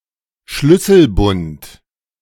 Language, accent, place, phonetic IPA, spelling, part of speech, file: German, Germany, Berlin, [ˈʃlʏsl̩ˌbʊnt], Schlüsselbund, noun, De-Schlüsselbund.ogg
- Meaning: A number or set of keys, usually held together by a keyring; a keychain